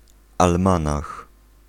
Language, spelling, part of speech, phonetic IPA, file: Polish, almanach, noun, [alˈmãnax], Pl-almanach.ogg